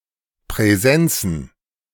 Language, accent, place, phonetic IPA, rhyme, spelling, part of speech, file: German, Germany, Berlin, [pʁɛˈzɛnt͡sn̩], -ɛnt͡sn̩, Präsenzen, noun, De-Präsenzen.ogg
- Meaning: plural of Präsenz